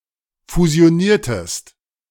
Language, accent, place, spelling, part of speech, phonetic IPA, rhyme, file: German, Germany, Berlin, fusioniertest, verb, [fuzi̯oˈniːɐ̯təst], -iːɐ̯təst, De-fusioniertest.ogg
- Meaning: inflection of fusionieren: 1. second-person singular preterite 2. second-person singular subjunctive II